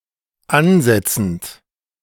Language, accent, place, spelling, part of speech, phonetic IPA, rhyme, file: German, Germany, Berlin, ansetzend, verb, [ˈanˌzɛt͡sn̩t], -anzɛt͡sn̩t, De-ansetzend.ogg
- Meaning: present participle of ansetzen